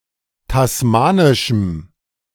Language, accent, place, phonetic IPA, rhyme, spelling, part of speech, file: German, Germany, Berlin, [tasˈmaːnɪʃm̩], -aːnɪʃm̩, tasmanischem, adjective, De-tasmanischem.ogg
- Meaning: strong dative masculine/neuter singular of tasmanisch